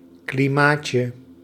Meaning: diminutive of klimaat
- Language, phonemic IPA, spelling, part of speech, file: Dutch, /kliˈmacə/, klimaatje, noun, Nl-klimaatje.ogg